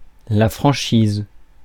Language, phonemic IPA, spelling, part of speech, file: French, /fʁɑ̃.ʃiz/, franchise, noun / verb, Fr-franchise.ogg
- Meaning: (noun) 1. liberty, freedom 2. frankness, honesty 3. excess (UK), deductible (US) 4. franchise; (verb) inflection of franchiser: first/third-person singular present indicative/subjunctive